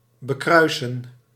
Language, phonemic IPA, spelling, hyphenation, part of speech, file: Dutch, /bəˈkrœy̯.sə(n)/, bekruisen, be‧krui‧sen, verb, Nl-bekruisen.ogg
- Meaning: 1. to make the sign of the cross, to becross oneself 2. to repeatedly traverse a patrol area, to sail on patrol throughout a certain area 3. to becross, to put a cross on